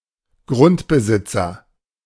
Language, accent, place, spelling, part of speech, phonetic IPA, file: German, Germany, Berlin, Grundbesitzer, noun, [ˈɡʁʊntbəˌzɪt͡sɐ], De-Grundbesitzer.ogg
- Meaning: landowner